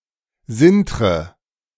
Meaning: inflection of sintern: 1. first-person singular present 2. first/third-person singular subjunctive I 3. singular imperative
- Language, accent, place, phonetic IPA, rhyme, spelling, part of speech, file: German, Germany, Berlin, [ˈzɪntʁə], -ɪntʁə, sintre, verb, De-sintre.ogg